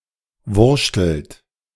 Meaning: inflection of wurschteln: 1. second-person plural present 2. third-person singular present 3. plural imperative
- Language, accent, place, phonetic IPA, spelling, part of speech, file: German, Germany, Berlin, [ˈvʊʁʃtl̩t], wurschtelt, verb, De-wurschtelt.ogg